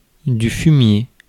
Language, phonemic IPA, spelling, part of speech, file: French, /fy.mje/, fumier, noun, Fr-fumier.ogg
- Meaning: 1. manure, dung 2. bastard, shit